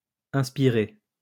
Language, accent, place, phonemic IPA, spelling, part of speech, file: French, France, Lyon, /ɛ̃s.pi.ʁe/, inspiré, verb, LL-Q150 (fra)-inspiré.wav
- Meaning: past participle of inspirer